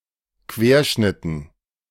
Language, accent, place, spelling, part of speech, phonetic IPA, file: German, Germany, Berlin, Querschnitten, noun, [ˈkveːɐ̯ˌʃnɪtn̩], De-Querschnitten.ogg
- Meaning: dative plural of Querschnitt